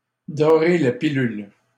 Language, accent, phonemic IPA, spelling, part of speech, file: French, Canada, /dɔ.ʁe la pi.lyl/, dorer la pilule, verb, LL-Q150 (fra)-dorer la pilule.wav
- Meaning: to gild the pill, to sweeten the pill, to sugarcoat it